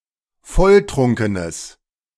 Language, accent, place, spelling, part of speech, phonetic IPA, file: German, Germany, Berlin, volltrunkenes, adjective, [ˈfɔlˌtʁʊŋkənəs], De-volltrunkenes.ogg
- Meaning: strong/mixed nominative/accusative neuter singular of volltrunken